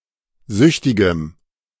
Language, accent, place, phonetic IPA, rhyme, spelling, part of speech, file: German, Germany, Berlin, [ˈzʏçtɪɡəm], -ʏçtɪɡəm, süchtigem, adjective, De-süchtigem.ogg
- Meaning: strong dative masculine/neuter singular of süchtig